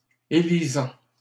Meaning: present participle of élire
- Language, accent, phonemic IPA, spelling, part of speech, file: French, Canada, /e.li.zɑ̃/, élisant, verb, LL-Q150 (fra)-élisant.wav